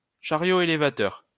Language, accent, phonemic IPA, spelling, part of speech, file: French, France, /ʃa.ʁjo e.le.va.tœʁ/, chariot élévateur, noun, LL-Q150 (fra)-chariot élévateur.wav
- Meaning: forklift